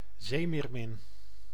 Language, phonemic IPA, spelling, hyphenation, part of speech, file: Dutch, /ˈzeːmeːrˌmɪn/, zeemeermin, zee‧meer‧min, noun, Nl-zeemeermin.ogg
- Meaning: mermaid, mythological woman with a fish's tail